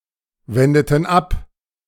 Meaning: inflection of abwenden: 1. first/third-person plural preterite 2. first/third-person plural subjunctive II
- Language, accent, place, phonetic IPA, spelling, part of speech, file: German, Germany, Berlin, [ˌvɛndətn̩ ˈap], wendeten ab, verb, De-wendeten ab.ogg